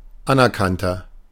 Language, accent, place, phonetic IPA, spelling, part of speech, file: German, Germany, Berlin, [ˈanʔɛɐ̯ˌkantɐ], anerkannter, adjective, De-anerkannter.ogg
- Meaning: inflection of anerkannt: 1. strong/mixed nominative masculine singular 2. strong genitive/dative feminine singular 3. strong genitive plural